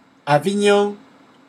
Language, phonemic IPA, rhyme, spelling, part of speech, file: French, /a.vi.ɲɔ̃/, -ɔ̃, Avignon, proper noun, Fr-Avignon.ogg
- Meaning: 1. Avignon (a city in France) 2. a regional county municipality of Gaspésie–Îles-de-la-Madeleine, Quebec, Canada